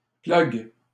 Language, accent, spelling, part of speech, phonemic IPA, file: French, Canada, plug, noun, /plœɡ/, LL-Q150 (fra)-plug.wav
- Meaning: butt-plug